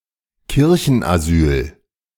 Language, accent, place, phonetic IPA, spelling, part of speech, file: German, Germany, Berlin, [ˈkɪʁçn̩ʔaˌzyːl], Kirchenasyl, noun, De-Kirchenasyl.ogg
- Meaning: church asylum